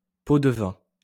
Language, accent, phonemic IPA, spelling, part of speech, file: French, France, /po.d(ə).vɛ̃/, pot-de-vin, noun, LL-Q150 (fra)-pot-de-vin.wav
- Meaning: a bribe, payoff, sop